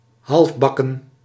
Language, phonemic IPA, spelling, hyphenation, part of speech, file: Dutch, /ˌɦɑlfˈbɑ.kə(n)/, halfbakken, half‧bak‧ken, adjective, Nl-halfbakken.ogg
- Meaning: 1. half-baked (not fully baked) 2. half-baked (insufficient)